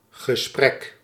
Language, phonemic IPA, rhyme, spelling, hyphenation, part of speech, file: Dutch, /ɣəˈsprɛk/, -ɛk, gesprek, ge‧sprek, noun, Nl-gesprek.ogg
- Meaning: talk, verbal conversation